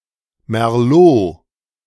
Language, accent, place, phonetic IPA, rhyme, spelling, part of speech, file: German, Germany, Berlin, [mɛʁˈloː], -oː, Merlot, noun, De-Merlot.ogg
- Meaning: Merlot